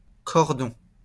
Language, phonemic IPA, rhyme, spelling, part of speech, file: French, /kɔʁ.dɔ̃/, -ɔ̃, cordon, noun, LL-Q150 (fra)-cordon.wav
- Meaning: cord (for connecting)